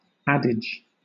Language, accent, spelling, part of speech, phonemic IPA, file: English, Southern England, adage, noun, /ˈæd.ɪd͡ʒ/, LL-Q1860 (eng)-adage.wav
- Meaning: 1. An old saying which has obtained credit by long use 2. An old saying which has been overused or considered a cliché; a trite maxim